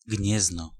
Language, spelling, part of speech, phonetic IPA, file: Polish, Gniezno, proper noun, [ˈɟɲɛznɔ], Pl-Gniezno.ogg